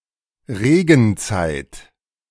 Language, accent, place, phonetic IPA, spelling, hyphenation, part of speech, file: German, Germany, Berlin, [ˈʁeːɡn̩ˌt͡saɪ̯t], Regenzeit, Re‧gen‧zeit, noun, De-Regenzeit.ogg
- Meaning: rainy season, wet season